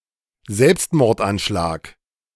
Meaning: suicide attack
- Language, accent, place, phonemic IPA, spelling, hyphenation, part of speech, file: German, Germany, Berlin, /ˈzɛlpstmɔʁtʔanˌʃlaːk/, Selbstmordanschlag, Selbst‧mord‧an‧schlag, noun, De-Selbstmordanschlag.ogg